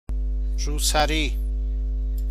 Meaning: headscarf, hijab
- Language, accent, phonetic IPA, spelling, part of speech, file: Persian, Iran, [ɹuː.sæ.ɹíː], روسری, noun, Fa-روسری.ogg